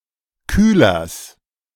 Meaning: genitive singular of Kühler
- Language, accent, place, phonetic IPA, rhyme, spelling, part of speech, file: German, Germany, Berlin, [ˈkyːlɐs], -yːlɐs, Kühlers, noun, De-Kühlers.ogg